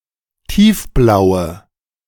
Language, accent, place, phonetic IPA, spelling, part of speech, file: German, Germany, Berlin, [ˈtiːfˌblaʊ̯ə], tiefblaue, adjective, De-tiefblaue.ogg
- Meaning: inflection of tiefblau: 1. strong/mixed nominative/accusative feminine singular 2. strong nominative/accusative plural 3. weak nominative all-gender singular